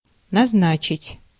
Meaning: 1. to appoint, to designate, to nominate 2. to fix, to settle, to set, to assign 3. to prescribe, to destine
- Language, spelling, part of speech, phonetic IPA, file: Russian, назначить, verb, [nɐzˈnat͡ɕɪtʲ], Ru-назначить.ogg